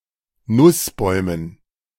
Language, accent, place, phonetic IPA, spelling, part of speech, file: German, Germany, Berlin, [ˈnʊsˌbɔɪ̯mən], Nussbäumen, noun, De-Nussbäumen.ogg
- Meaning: dative plural of Nussbaum